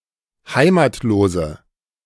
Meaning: inflection of heimatlos: 1. strong/mixed nominative/accusative feminine singular 2. strong nominative/accusative plural 3. weak nominative all-gender singular
- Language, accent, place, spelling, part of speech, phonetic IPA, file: German, Germany, Berlin, heimatlose, adjective, [ˈhaɪ̯maːtloːzə], De-heimatlose.ogg